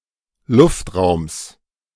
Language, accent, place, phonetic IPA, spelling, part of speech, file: German, Germany, Berlin, [ˈlʊftˌʁaʊ̯ms], Luftraums, noun, De-Luftraums.ogg
- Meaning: genitive singular of Luftraum